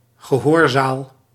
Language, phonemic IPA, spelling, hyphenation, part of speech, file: Dutch, /ɣəˈɦoːrˌzaːl/, gehoorzaal, ge‧hoor‧zaal, noun, Nl-gehoorzaal.ogg
- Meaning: 1. auditory, auditorium (room for public events) 2. audience hall (hall where a dignitary holds audience)